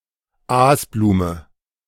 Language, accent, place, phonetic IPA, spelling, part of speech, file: German, Germany, Berlin, [ˈaːsˌbluːmə], Aasblume, noun, De-Aasblume.ogg
- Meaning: carrion flower